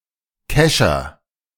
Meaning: hand net
- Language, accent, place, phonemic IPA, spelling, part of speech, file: German, Germany, Berlin, /ˈkɛʃɐ/, Kescher, noun, De-Kescher.ogg